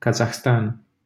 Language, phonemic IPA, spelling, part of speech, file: Romanian, /ka.zahˈstan/, Kazahstan, proper noun, LL-Q7913 (ron)-Kazahstan.wav
- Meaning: Kazakhstan (a country in Central Asia and Eastern Europe)